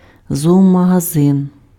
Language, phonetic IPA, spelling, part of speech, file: Ukrainian, [zɔɔmɐɦɐˈzɪn], зоомагазин, noun, Uk-зоомагазин.ogg
- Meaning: pet shop, pet store